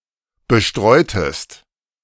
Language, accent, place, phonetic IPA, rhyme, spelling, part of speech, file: German, Germany, Berlin, [bəˈʃtʁɔɪ̯təst], -ɔɪ̯təst, bestreutest, verb, De-bestreutest.ogg
- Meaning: inflection of bestreuen: 1. second-person singular preterite 2. second-person singular subjunctive II